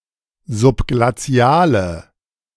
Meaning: inflection of subglazial: 1. strong/mixed nominative/accusative feminine singular 2. strong nominative/accusative plural 3. weak nominative all-gender singular
- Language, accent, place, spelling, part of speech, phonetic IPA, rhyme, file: German, Germany, Berlin, subglaziale, adjective, [zʊpɡlaˈt͡si̯aːlə], -aːlə, De-subglaziale.ogg